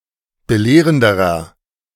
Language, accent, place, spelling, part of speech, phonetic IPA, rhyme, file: German, Germany, Berlin, belehrenderer, adjective, [bəˈleːʁəndəʁɐ], -eːʁəndəʁɐ, De-belehrenderer.ogg
- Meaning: inflection of belehrend: 1. strong/mixed nominative masculine singular comparative degree 2. strong genitive/dative feminine singular comparative degree 3. strong genitive plural comparative degree